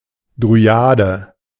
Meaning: dryad
- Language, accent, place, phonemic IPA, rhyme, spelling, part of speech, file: German, Germany, Berlin, /dʁyˈaːdə/, -aːdə, Dryade, noun, De-Dryade.ogg